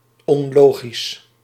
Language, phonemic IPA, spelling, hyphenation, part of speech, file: Dutch, /ˌɔnˈloː.ɣis/, onlogisch, on‧lo‧gisch, adjective, Nl-onlogisch.ogg
- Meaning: 1. illogical 2. impractical, strange